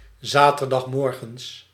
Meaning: Saturday morning
- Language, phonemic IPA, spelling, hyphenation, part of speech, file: Dutch, /ˌzaː.tər.dɑxsˈmɔr.ɣəns/, zaterdagsmorgens, za‧ter‧dags‧mor‧gens, adverb, Nl-zaterdagsmorgens.ogg